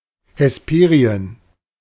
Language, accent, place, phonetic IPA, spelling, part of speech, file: German, Germany, Berlin, [hɛsˈpeːʁi̯ən], Hesperien, noun, De-Hesperien.ogg
- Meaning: Hesperia (western land)